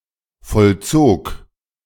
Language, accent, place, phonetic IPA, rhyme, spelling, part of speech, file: German, Germany, Berlin, [fɔlˈt͡soːk], -oːk, vollzog, verb, De-vollzog.ogg
- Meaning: first/third-person singular preterite of vollziehen